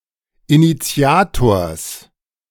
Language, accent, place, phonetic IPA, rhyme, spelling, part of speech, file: German, Germany, Berlin, [iniˈt͡si̯aːtoːɐ̯s], -aːtoːɐ̯s, Initiators, noun, De-Initiators.ogg
- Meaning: genitive singular of Initiator